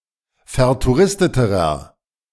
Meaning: inflection of vertouristet: 1. strong/mixed nominative masculine singular comparative degree 2. strong genitive/dative feminine singular comparative degree 3. strong genitive plural comparative degree
- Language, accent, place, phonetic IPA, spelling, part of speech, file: German, Germany, Berlin, [fɛɐ̯tuˈʁɪstətəʁɐ], vertouristeterer, adjective, De-vertouristeterer.ogg